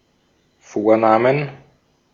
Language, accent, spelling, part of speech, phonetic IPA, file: German, Austria, Vornamen, noun, [ˈfoːɐ̯ˌnaːmən], De-at-Vornamen.ogg
- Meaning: plural of Vorname